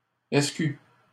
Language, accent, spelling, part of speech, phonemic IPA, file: French, Canada, SQ, proper noun, /ɛs.ky/, LL-Q150 (fra)-SQ.wav
- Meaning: initialism of Sûreté du Québec - SQ